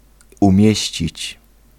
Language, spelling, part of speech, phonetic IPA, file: Polish, umieścić, verb, [ũˈmʲjɛ̇ɕt͡ɕit͡ɕ], Pl-umieścić.ogg